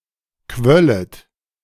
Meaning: second-person plural subjunctive II of quellen
- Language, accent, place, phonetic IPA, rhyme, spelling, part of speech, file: German, Germany, Berlin, [ˈkvœlət], -œlət, quöllet, verb, De-quöllet.ogg